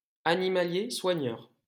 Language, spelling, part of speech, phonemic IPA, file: French, soigneur, noun, /swa.ɲœʁ/, LL-Q150 (fra)-soigneur.wav
- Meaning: 1. soigneur 2. physiotherapist, trainer